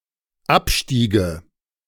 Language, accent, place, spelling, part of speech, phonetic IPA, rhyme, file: German, Germany, Berlin, abstiege, verb, [ˈapˌʃtiːɡə], -apʃtiːɡə, De-abstiege.ogg
- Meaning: first/third-person singular dependent subjunctive II of absteigen